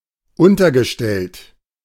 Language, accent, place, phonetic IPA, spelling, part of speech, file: German, Germany, Berlin, [ˈʊntɐɡəˌʃtɛlt], untergestellt, verb, De-untergestellt.ogg
- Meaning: past participle of unterstellen